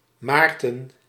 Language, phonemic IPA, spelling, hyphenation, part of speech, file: Dutch, /ˈmaːrtə(n)/, Maarten, Maar‧ten, proper noun, Nl-Maarten.ogg
- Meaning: a male given name, equivalent to English Martin